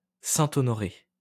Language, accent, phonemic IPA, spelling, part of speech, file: French, France, /sɛ̃.t‿ɔ.nɔ.ʁe/, saint-honoré, noun, LL-Q150 (fra)-saint-honoré.wav
- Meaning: St. Honoré cake